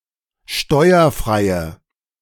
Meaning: inflection of steuerfrei: 1. strong/mixed nominative/accusative feminine singular 2. strong nominative/accusative plural 3. weak nominative all-gender singular
- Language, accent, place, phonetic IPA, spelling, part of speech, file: German, Germany, Berlin, [ˈʃtɔɪ̯ɐˌfʁaɪ̯ə], steuerfreie, adjective, De-steuerfreie.ogg